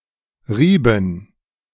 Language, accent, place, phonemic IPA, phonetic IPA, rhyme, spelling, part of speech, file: German, Germany, Berlin, /ˈriːbən/, [ˈʁiː.bm̩], -iːbən, rieben, verb, De-rieben.ogg
- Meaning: inflection of reiben: 1. first/third-person plural preterite 2. first/third-person plural subjunctive II